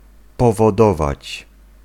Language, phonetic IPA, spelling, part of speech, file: Polish, [ˌpɔvɔˈdɔvat͡ɕ], powodować, verb, Pl-powodować.ogg